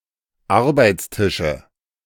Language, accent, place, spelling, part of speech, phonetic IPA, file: German, Germany, Berlin, Arbeitstische, noun, [ˈaʁbaɪ̯t͡sˌtɪʃə], De-Arbeitstische.ogg
- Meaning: nominative/accusative/genitive plural of Arbeitstisch